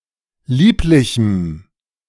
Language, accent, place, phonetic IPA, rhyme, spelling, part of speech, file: German, Germany, Berlin, [ˈliːplɪçm̩], -iːplɪçm̩, lieblichem, adjective, De-lieblichem.ogg
- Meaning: strong dative masculine/neuter singular of lieblich